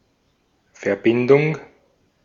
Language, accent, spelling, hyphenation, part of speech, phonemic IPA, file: German, Austria, Verbindung, Ver‧bin‧dung, noun, /fɛɐ̯ˈbɪndʊŋ(k)/, De-at-Verbindung.ogg
- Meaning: 1. connection 2. compound 3. accession 4. relationship, partnership 5. ellipsis of Studentenverbindung